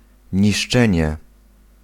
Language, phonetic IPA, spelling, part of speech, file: Polish, [ɲiʃˈt͡ʃɛ̃ɲɛ], niszczenie, noun, Pl-niszczenie.ogg